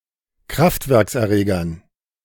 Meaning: dative plural of Kraftwerkserreger
- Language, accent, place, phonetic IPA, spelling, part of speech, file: German, Germany, Berlin, [ˈkʁaftvɛʁksʔɛɐ̯ˌʁeːɡɐn], Kraftwerkserregern, noun, De-Kraftwerkserregern.ogg